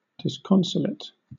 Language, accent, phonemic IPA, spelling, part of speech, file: English, Southern England, /dɪsˈkɒnsəlɪt/, disconsolate, adjective / noun, LL-Q1860 (eng)-disconsolate.wav
- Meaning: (adjective) 1. Cheerless, dreary 2. Seemingly beyond consolation; inconsolable; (noun) Disconsolateness